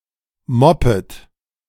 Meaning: second-person plural subjunctive I of moppen
- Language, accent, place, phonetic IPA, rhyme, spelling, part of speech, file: German, Germany, Berlin, [ˈmɔpət], -ɔpət, moppet, verb, De-moppet.ogg